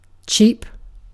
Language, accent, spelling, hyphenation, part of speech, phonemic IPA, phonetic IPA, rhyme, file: English, UK, cheap, cheap, adjective / noun / verb / adverb, /ˈt͡ʃiːp/, [ˈt͡ʃʰɪi̯p], -iːp, En-uk-cheap.ogg
- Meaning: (adjective) 1. Low or reduced in price 2. Of poor quality 3. Of little worth 4. Underhanded or unfair 5. Stingy; mean; excessively frugal